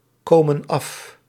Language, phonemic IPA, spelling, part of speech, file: Dutch, /ˈkomə(n) ˈɑf/, komen af, verb, Nl-komen af.ogg
- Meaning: inflection of afkomen: 1. plural present indicative 2. plural present subjunctive